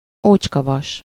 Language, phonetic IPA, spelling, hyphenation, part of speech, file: Hungarian, [ˈoːt͡ʃkɒvɒʃ], ócskavas, ócs‧ka‧vas, noun, Hu-ócskavas.ogg
- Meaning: scrap iron (unusable, broken or rusted iron objects and metal scraps that are recycled)